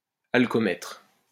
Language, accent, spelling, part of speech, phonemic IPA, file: French, France, alcoomètre, noun, /al.kɔ.mɛtʁ/, LL-Q150 (fra)-alcoomètre.wav
- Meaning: alcoholometer